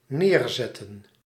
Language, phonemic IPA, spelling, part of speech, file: Dutch, /ˈnerzɛtə(n)/, neerzetten, verb, Nl-neerzetten.ogg
- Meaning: to set down, deposit, put down